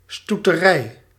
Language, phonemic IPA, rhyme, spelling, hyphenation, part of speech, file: Dutch, /ˌstu.təˈrɛi̯/, -ɛi̯, stoeterij, stoe‧te‧rij, noun, Nl-stoeterij.ogg
- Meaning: horse ranch, stud (farm where horses are kept for breeding)